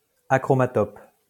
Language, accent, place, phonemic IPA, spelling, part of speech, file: French, France, Lyon, /a.kʁɔ.ma.tɔp/, achromatope, adjective, LL-Q150 (fra)-achromatope.wav
- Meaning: achromatopsic